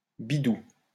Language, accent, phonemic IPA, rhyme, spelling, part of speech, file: French, France, /bi.du/, -u, bidou, noun, LL-Q150 (fra)-bidou.wav
- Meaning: 1. tummy, tum-tum (stomach, abdomen) 2. money; coin